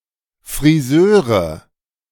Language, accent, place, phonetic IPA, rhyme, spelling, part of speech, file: German, Germany, Berlin, [fʁiˈzøːʁə], -øːʁə, Friseure, noun, De-Friseure.ogg
- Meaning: nominative/accusative/genitive plural of Friseur